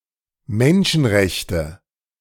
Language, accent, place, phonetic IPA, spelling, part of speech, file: German, Germany, Berlin, [ˈmɛnʃn̩ˌʁɛçtə], Menschenrechte, noun, De-Menschenrechte.ogg
- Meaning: 1. nominative/accusative/genitive plural of Menschenrecht 2. human rights